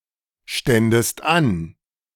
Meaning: second-person singular subjunctive II of anstehen
- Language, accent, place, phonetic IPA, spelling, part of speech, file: German, Germany, Berlin, [ˌʃtɛndəst ˈan], ständest an, verb, De-ständest an.ogg